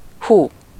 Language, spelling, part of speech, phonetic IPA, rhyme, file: Hungarian, hú, interjection, [ˈhuː], -huː, Hu-hú.ogg
- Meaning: 1. wow! (the expression of surprise or mild scare) 2. whoo (the expression of delight)